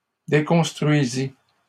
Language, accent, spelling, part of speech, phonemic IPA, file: French, Canada, déconstruisit, verb, /de.kɔ̃s.tʁɥi.zi/, LL-Q150 (fra)-déconstruisit.wav
- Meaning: third-person singular past historic of déconstruire